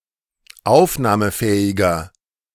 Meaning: 1. comparative degree of aufnahmefähig 2. inflection of aufnahmefähig: strong/mixed nominative masculine singular 3. inflection of aufnahmefähig: strong genitive/dative feminine singular
- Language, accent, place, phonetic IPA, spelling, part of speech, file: German, Germany, Berlin, [ˈaʊ̯fnaːməˌfɛːɪɡɐ], aufnahmefähiger, adjective, De-aufnahmefähiger.ogg